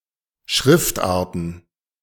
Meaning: plural of Schriftart
- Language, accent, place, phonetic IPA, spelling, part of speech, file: German, Germany, Berlin, [ˈʃʁɪftˌʔaːɐ̯tn̩], Schriftarten, noun, De-Schriftarten.ogg